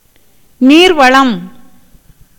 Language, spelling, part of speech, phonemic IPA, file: Tamil, நீர்வளம், noun, /niːɾʋɐɭɐm/, Ta-நீர்வளம்.ogg
- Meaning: water resources